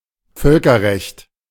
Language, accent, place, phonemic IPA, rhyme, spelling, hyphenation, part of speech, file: German, Germany, Berlin, /ˈfœlkɐˌʁɛçt/, -ɛçt, Völkerrecht, Völ‧ker‧recht, noun, De-Völkerrecht.ogg
- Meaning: international law